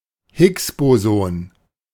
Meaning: Higgs boson
- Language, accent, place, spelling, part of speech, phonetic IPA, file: German, Germany, Berlin, Higgs-Boson, proper noun, [ˈhɪksˌboːzɔn], De-Higgs-Boson.ogg